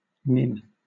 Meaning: Affectionate name for a grandmother
- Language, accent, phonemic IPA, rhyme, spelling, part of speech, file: English, Southern England, /nɪn/, -ɪn, nin, noun, LL-Q1860 (eng)-nin.wav